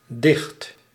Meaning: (adjective) 1. closed, shut 2. thick, tight, dense; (adverb) 1. close, closely 2. closed 3. tightly, densely; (noun) 1. poem 2. poetry
- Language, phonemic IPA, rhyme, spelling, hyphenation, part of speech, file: Dutch, /dɪxt/, -ɪxt, dicht, dicht, adjective / adverb / noun / verb, Nl-dicht.ogg